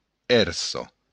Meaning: swell (of the ocean)
- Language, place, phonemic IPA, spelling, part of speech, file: Occitan, Béarn, /ˈɛr.sɒ/, èrsa, noun, LL-Q14185 (oci)-èrsa.wav